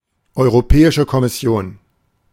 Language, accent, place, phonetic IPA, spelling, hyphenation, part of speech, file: German, Germany, Berlin, [ˌɔɪ̯ʁoˈpɛːɪʃə kɔmɪˌsi̯oːn], Europäische Kommission, Eu‧ro‧pä‧i‧sche Kom‧mis‧si‧on, proper noun, De-Europäische Kommission.ogg
- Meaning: European Commission